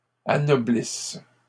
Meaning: second-person singular present/imperfect subjunctive of anoblir
- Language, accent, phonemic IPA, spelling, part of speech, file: French, Canada, /a.nɔ.blis/, anoblisses, verb, LL-Q150 (fra)-anoblisses.wav